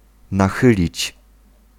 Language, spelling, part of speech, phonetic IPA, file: Polish, nachylić, verb, [naˈxɨlʲit͡ɕ], Pl-nachylić.ogg